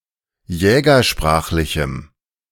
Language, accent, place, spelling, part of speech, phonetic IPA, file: German, Germany, Berlin, jägersprachlichem, adjective, [ˈjɛːɡɐˌʃpʁaːxlɪçm̩], De-jägersprachlichem.ogg
- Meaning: strong dative masculine/neuter singular of jägersprachlich